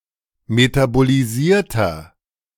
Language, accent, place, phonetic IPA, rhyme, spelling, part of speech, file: German, Germany, Berlin, [ˌmetaboliˈziːɐ̯tɐ], -iːɐ̯tɐ, metabolisierter, adjective, De-metabolisierter.ogg
- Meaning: inflection of metabolisiert: 1. strong/mixed nominative masculine singular 2. strong genitive/dative feminine singular 3. strong genitive plural